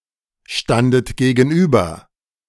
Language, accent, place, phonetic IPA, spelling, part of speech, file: German, Germany, Berlin, [ˌʃtandət ɡeːɡn̩ˈʔyːbɐ], standet gegenüber, verb, De-standet gegenüber.ogg
- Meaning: second-person plural preterite of gegenüberstehen